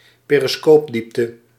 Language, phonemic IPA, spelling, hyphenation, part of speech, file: Dutch, /peː.rɪˈskoːpˌdip.tə/, periscoopdiepte, pe‧ri‧scoop‧diep‧te, noun, Nl-periscoopdiepte.ogg
- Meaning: periscope depth